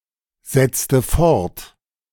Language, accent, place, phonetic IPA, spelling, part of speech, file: German, Germany, Berlin, [ˌzɛt͡stə ˈfɔʁt], setzte fort, verb, De-setzte fort.ogg
- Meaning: inflection of fortsetzen: 1. first/third-person singular preterite 2. first/third-person singular subjunctive II